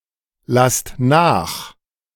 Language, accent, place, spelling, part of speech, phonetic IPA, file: German, Germany, Berlin, lasst nach, verb, [ˌlast ˈnaːx], De-lasst nach.ogg
- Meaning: inflection of nachlassen: 1. second-person plural present 2. plural imperative